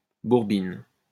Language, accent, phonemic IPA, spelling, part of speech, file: French, France, /buʁ.bin/, bourbine, adjective, LL-Q150 (fra)-bourbine.wav
- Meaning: German Swiss